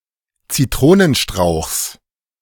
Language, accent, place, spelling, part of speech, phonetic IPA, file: German, Germany, Berlin, Zitronenstrauchs, noun, [t͡siˈtʁoːnənˌʃtʁaʊ̯xs], De-Zitronenstrauchs.ogg
- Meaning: genitive singular of Zitronenstrauch